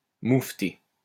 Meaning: to protest, complain
- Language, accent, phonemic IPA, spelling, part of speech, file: French, France, /muf.te/, moufter, verb, LL-Q150 (fra)-moufter.wav